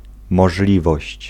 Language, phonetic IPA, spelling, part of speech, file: Polish, [mɔʒˈlʲivɔɕt͡ɕ], możliwość, noun, Pl-możliwość.ogg